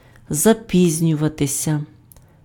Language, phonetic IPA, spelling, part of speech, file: Ukrainian, [zɐˈpʲizʲnʲʊʋɐtesʲɐ], запізнюватися, verb, Uk-запізнюватися.ogg
- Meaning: to be late